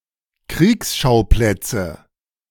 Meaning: nominative/accusative/genitive plural of Kriegsschauplatz
- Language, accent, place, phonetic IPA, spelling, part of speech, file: German, Germany, Berlin, [ˈkʁiːksˌʃaʊ̯plɛt͡sə], Kriegsschauplätze, noun, De-Kriegsschauplätze.ogg